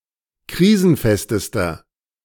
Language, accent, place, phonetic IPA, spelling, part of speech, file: German, Germany, Berlin, [ˈkʁiːzn̩ˌfɛstəstɐ], krisenfestester, adjective, De-krisenfestester.ogg
- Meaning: inflection of krisenfest: 1. strong/mixed nominative masculine singular superlative degree 2. strong genitive/dative feminine singular superlative degree 3. strong genitive plural superlative degree